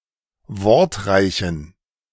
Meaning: inflection of wortreich: 1. strong genitive masculine/neuter singular 2. weak/mixed genitive/dative all-gender singular 3. strong/weak/mixed accusative masculine singular 4. strong dative plural
- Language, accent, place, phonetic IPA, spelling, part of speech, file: German, Germany, Berlin, [ˈvɔʁtˌʁaɪ̯çn̩], wortreichen, adjective, De-wortreichen.ogg